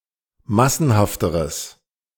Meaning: strong/mixed nominative/accusative neuter singular comparative degree of massenhaft
- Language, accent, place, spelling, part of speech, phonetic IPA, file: German, Germany, Berlin, massenhafteres, adjective, [ˈmasn̩haftəʁəs], De-massenhafteres.ogg